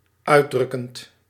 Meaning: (adjective) expressive (effectively conveying feeling); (verb) present participle of uitdrukken
- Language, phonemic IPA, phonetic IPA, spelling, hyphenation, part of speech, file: Dutch, /ˈœy̯.drʏ.kənt/, [ˈœː.drʏ.kənt], uitdrukkend, uit‧druk‧kend, adjective / verb, Nl-uitdrukkend.ogg